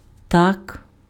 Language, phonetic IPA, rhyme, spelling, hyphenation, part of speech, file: Ukrainian, [tak], -ak, так, так, adverb / interjection, Uk-так.ogg
- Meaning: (adverb) so, thus; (interjection) yes